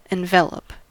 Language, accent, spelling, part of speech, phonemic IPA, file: English, US, envelop, verb, /ɛnˈvɛləp/, En-us-envelop.ogg
- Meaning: To surround, enclose or enfold